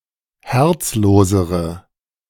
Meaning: inflection of herzlos: 1. strong/mixed nominative/accusative feminine singular comparative degree 2. strong nominative/accusative plural comparative degree
- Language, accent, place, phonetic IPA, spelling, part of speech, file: German, Germany, Berlin, [ˈhɛʁt͡sˌloːzəʁə], herzlosere, adjective, De-herzlosere.ogg